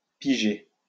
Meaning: 1. to understand; to get, to catch on, to twig, to cotton on 2. to choose at random; to draw
- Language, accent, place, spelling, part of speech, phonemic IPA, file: French, France, Lyon, piger, verb, /pi.ʒe/, LL-Q150 (fra)-piger.wav